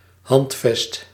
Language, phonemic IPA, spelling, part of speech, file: Dutch, /ˈɦɑnt.vɛst/, handvest, noun, Nl-handvest.ogg
- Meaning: 1. charter (document creating a public or private institution) 2. manifesto